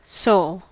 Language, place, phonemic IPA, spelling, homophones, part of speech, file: English, California, /soʊl/, soul, Seoul / sole / sowl, noun / adjective / verb, En-us-soul.ogg
- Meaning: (noun) 1. The spirit or essence of a person usually thought to consist of one's thoughts and personality, often believed to live on after the person's death 2. The spirit or essence of anything